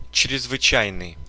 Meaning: exceptional, special, extraordinary
- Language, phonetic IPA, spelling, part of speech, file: Russian, [t͡ɕrʲɪzvɨˈt͡ɕæjnɨj], чрезвычайный, adjective, Ru-чрезвычайный.ogg